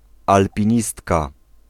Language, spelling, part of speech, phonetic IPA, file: Polish, alpinistka, noun, [ˌalpʲĩˈɲistka], Pl-alpinistka.ogg